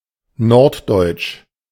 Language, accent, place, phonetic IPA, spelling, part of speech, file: German, Germany, Berlin, [ˈnɔʁtˌdɔɪ̯t͡ʃ], norddeutsch, adjective, De-norddeutsch.ogg
- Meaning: North German; northern German (from or pertaining to northern Germany or the people, the culture or the dialects or regiolects of this region)